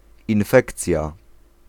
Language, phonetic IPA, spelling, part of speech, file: Polish, [ĩnˈfɛkt͡sʲja], infekcja, noun, Pl-infekcja.ogg